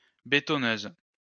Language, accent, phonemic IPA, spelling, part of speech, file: French, France, /be.tɔ.nøz/, bétonneuse, noun, LL-Q150 (fra)-bétonneuse.wav
- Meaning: cement mixer